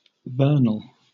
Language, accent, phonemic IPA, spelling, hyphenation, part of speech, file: English, Southern England, /ˈvɜːn(ə)l/, vernal, vern‧al, adjective, LL-Q1860 (eng)-vernal.wav
- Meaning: 1. Pertaining to or occurring in spring 2. Having characteristics like spring; fresh, young, youthful